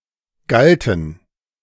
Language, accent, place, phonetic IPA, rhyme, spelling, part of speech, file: German, Germany, Berlin, [ˈɡaltn̩], -altn̩, galten, verb, De-galten.ogg
- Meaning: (verb) first/third-person plural preterite of gelten; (adjective) inflection of galt: 1. strong genitive masculine/neuter singular 2. weak/mixed genitive/dative all-gender singular